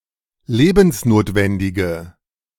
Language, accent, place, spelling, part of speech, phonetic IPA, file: German, Germany, Berlin, lebensnotwendige, adjective, [ˈleːbn̩sˌnoːtvɛndɪɡə], De-lebensnotwendige.ogg
- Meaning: inflection of lebensnotwendig: 1. strong/mixed nominative/accusative feminine singular 2. strong nominative/accusative plural 3. weak nominative all-gender singular